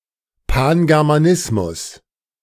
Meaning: Pan-Germanism
- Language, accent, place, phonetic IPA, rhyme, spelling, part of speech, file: German, Germany, Berlin, [ˌpanɡɛʁmaˈnɪsmʊs], -ɪsmʊs, Pangermanismus, noun, De-Pangermanismus.ogg